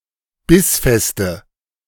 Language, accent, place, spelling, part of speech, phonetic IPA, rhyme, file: German, Germany, Berlin, bissfeste, adjective, [ˈbɪsˌfɛstə], -ɪsfɛstə, De-bissfeste.ogg
- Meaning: inflection of bissfest: 1. strong/mixed nominative/accusative feminine singular 2. strong nominative/accusative plural 3. weak nominative all-gender singular